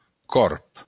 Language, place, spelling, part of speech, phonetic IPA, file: Occitan, Béarn, còrb, noun, [kɔɾp], LL-Q14185 (oci)-còrb.wav
- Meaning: raven